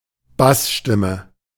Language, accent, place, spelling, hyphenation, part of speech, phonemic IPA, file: German, Germany, Berlin, Bassstimme, Bass‧stim‧me, noun, /ˈbasˌʃtɪmə/, De-Bassstimme.ogg
- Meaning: 1. bass (pitch) 2. sheet music for bass